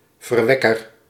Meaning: begetter, procreator
- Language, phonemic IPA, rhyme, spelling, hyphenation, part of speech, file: Dutch, /vərˈʋɛ.kər/, -ɛkər, verwekker, ver‧wek‧ker, noun, Nl-verwekker.ogg